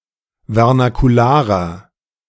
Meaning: inflection of vernakular: 1. strong/mixed nominative masculine singular 2. strong genitive/dative feminine singular 3. strong genitive plural
- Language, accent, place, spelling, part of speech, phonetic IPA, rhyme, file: German, Germany, Berlin, vernakularer, adjective, [vɛʁnakuˈlaːʁɐ], -aːʁɐ, De-vernakularer.ogg